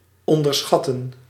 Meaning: to underestimate
- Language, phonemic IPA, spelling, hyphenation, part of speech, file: Dutch, /ˌɔn.dərˈsxɑ.tə(n)/, onderschatten, on‧der‧schat‧ten, verb, Nl-onderschatten.ogg